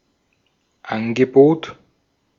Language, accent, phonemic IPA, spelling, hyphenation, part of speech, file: German, Austria, /ˈanɡəˌboːt/, Angebot, An‧ge‧bot, noun, De-at-Angebot.ogg
- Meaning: 1. offer, proposition 2. quote, estimate, offer (as made by an artisan) 3. sale, bargain, offer (with a lowered price) 4. a range of products or services provided by a company or institution